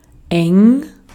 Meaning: 1. narrow, tight 2. close
- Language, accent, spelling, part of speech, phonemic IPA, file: German, Austria, eng, adjective, /ɛŋ/, De-at-eng.ogg